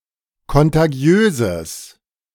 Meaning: strong/mixed nominative/accusative neuter singular of kontagiös
- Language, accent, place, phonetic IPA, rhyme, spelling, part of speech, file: German, Germany, Berlin, [kɔntaˈɡi̯øːzəs], -øːzəs, kontagiöses, adjective, De-kontagiöses.ogg